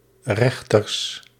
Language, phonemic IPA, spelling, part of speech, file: Dutch, /ˈrɛxtərs/, Rechters, proper noun, Nl-Rechters.ogg
- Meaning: Judges (book of the Bible)